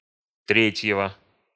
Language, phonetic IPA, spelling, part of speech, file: Russian, [ˈtrʲetʲjɪvə], третьего, noun, Ru-третьего.ogg
- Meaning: genitive singular of тре́тье (trétʹje)